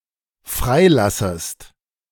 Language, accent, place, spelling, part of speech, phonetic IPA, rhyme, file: German, Germany, Berlin, freilassest, verb, [ˈfʁaɪ̯ˌlasəst], -aɪ̯lasəst, De-freilassest.ogg
- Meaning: second-person singular dependent subjunctive I of freilassen